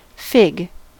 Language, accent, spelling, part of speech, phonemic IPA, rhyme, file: English, US, fig, noun / verb, /fɪɡ/, -ɪɡ, En-us-fig.ogg
- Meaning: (noun) 1. The fruit of the fig tree, pear-shaped and containing many small seeds 2. A fruit-bearing tree or shrub of the genus Ficus that is native mainly to the tropics